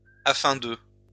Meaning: in order to, so, so that
- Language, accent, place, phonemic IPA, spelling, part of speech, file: French, France, Lyon, /a.fɛ̃ də/, afin de, conjunction, LL-Q150 (fra)-afin de.wav